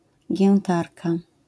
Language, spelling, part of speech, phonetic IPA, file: Polish, giętarka, noun, [ɟɛ̃nˈtarka], LL-Q809 (pol)-giętarka.wav